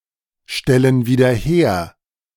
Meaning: inflection of wiederherstellen: 1. first/third-person plural present 2. first/third-person plural subjunctive I
- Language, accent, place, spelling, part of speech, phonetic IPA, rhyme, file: German, Germany, Berlin, stellen wieder her, verb, [ˌʃtɛlən viːdɐ ˈheːɐ̯], -eːɐ̯, De-stellen wieder her.ogg